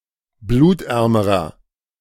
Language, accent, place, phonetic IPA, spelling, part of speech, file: German, Germany, Berlin, [ˈbluːtˌʔɛʁməʁɐ], blutärmerer, adjective, De-blutärmerer.ogg
- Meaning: inflection of blutarm: 1. strong/mixed nominative masculine singular comparative degree 2. strong genitive/dative feminine singular comparative degree 3. strong genitive plural comparative degree